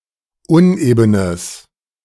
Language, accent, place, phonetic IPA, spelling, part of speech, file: German, Germany, Berlin, [ˈʊnʔeːbənəs], unebenes, adjective, De-unebenes.ogg
- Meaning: strong/mixed nominative/accusative neuter singular of uneben